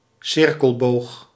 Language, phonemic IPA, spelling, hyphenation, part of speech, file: Dutch, /ˈsɪr.kəlˌboːx/, cirkelboog, cir‧kel‧boog, noun, Nl-cirkelboog.ogg
- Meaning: a part of the circumference of a circle